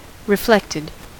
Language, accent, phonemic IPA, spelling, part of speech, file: English, US, /ɹɪˈflɛktɪd/, reflected, verb / adjective, En-us-reflected.ogg
- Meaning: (verb) simple past and past participle of reflect; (adjective) 1. Bent or sent back (especially of incident sound or light) 2. Vicarious; derived from the work or success of somebody else